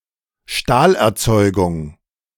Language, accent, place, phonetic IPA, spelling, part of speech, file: German, Germany, Berlin, [ˈʃtaːlʔɛɐ̯ˌt͡sɔɪ̯ɡʊŋ], Stahlerzeugung, noun, De-Stahlerzeugung.ogg
- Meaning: steelmaking